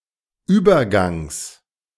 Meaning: genitive singular of Übergang
- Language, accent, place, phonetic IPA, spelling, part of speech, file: German, Germany, Berlin, [ˈyːbɐˌɡaŋs], Übergangs, noun, De-Übergangs.ogg